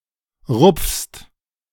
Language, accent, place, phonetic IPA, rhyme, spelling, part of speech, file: German, Germany, Berlin, [ʁʊp͡fst], -ʊp͡fst, rupfst, verb, De-rupfst.ogg
- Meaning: second-person singular present of rupfen